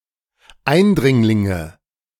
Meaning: nominative/accusative/genitive plural of Eindringling
- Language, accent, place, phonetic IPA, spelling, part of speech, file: German, Germany, Berlin, [ˈaɪ̯nˌdʁɪŋlɪŋə], Eindringlinge, noun, De-Eindringlinge.ogg